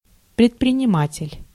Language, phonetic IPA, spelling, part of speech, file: Russian, [prʲɪtprʲɪnʲɪˈmatʲɪlʲ], предприниматель, noun, Ru-предприниматель.ogg
- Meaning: industrialist, businessman, entrepreneur